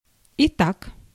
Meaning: so, now, right, okay (used at or near the beginning of a sentence, which is a logical conclusion from the previous one; corresponds in meaning to the terms 'thus', 'as a result', 'consequently')
- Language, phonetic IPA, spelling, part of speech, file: Russian, [ɪˈtak], итак, conjunction, Ru-итак.ogg